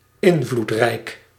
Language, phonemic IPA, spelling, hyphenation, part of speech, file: Dutch, /ˈɪn.vlutˌrɛi̯k/, invloedrijk, in‧vloed‧rijk, adjective, Nl-invloedrijk.ogg
- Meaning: influential